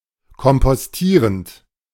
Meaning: present participle of kompostieren
- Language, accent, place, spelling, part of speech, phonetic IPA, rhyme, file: German, Germany, Berlin, kompostierend, verb, [kɔmpɔsˈtiːʁənt], -iːʁənt, De-kompostierend.ogg